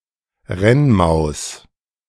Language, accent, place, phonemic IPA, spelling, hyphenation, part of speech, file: German, Germany, Berlin, /ˈʁɛnˌmaʊ̯s/, Rennmaus, Renn‧maus, noun, De-Rennmaus.ogg
- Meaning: gerbil, desert rat (rodent of the subfamily Gerbillinae)